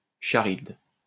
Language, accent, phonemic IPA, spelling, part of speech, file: French, France, /ka.ʁibd/, Charybde, proper noun, LL-Q150 (fra)-Charybde.wav
- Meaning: Charybdis